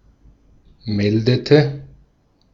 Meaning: inflection of melden: 1. first/third-person singular preterite 2. first/third-person singular subjunctive II
- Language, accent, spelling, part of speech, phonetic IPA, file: German, Austria, meldete, verb, [ˈmɛldətə], De-at-meldete.ogg